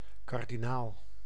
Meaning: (noun) 1. cardinal (high-ranking official in the Catholic Church, Prince of the Church) 2. cardinal (Cardinalid bird); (adjective) cardinal
- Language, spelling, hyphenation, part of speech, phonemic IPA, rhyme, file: Dutch, kardinaal, kar‧di‧naal, noun / adjective, /ˌkɑr.diˈnaːl/, -aːl, Nl-kardinaal.ogg